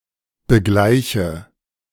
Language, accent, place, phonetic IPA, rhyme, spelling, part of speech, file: German, Germany, Berlin, [bəˈɡlaɪ̯çə], -aɪ̯çə, begleiche, verb, De-begleiche.ogg
- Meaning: inflection of begleichen: 1. first-person singular present 2. first/third-person singular subjunctive I 3. singular imperative